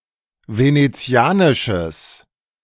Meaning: strong/mixed nominative/accusative neuter singular of venezianisch
- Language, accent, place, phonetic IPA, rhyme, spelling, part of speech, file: German, Germany, Berlin, [ˌveneˈt͡si̯aːnɪʃəs], -aːnɪʃəs, venezianisches, adjective, De-venezianisches.ogg